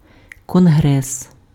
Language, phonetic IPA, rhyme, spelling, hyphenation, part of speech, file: Ukrainian, [kɔnˈɦrɛs], -ɛs, конгрес, кон‧грес, noun, Uk-конгрес.ogg
- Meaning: congress